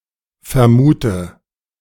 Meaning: inflection of vermuten: 1. first-person singular present 2. first/third-person singular subjunctive I 3. singular imperative
- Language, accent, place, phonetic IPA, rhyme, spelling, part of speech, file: German, Germany, Berlin, [fɛɐ̯ˈmuːtə], -uːtə, vermute, verb, De-vermute.ogg